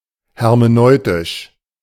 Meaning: hermeneutic, hermeneutical
- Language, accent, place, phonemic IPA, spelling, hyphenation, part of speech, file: German, Germany, Berlin, /hɛʁmeˈnɔɪ̯tɪʃ/, hermeneutisch, her‧me‧neu‧tisch, adjective, De-hermeneutisch.ogg